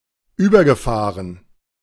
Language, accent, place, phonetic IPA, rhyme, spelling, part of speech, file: German, Germany, Berlin, [ˈyːbɐɡəˌfaːʁən], -yːbɐɡəfaːʁən, übergefahren, verb, De-übergefahren.ogg
- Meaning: past participle of überfahren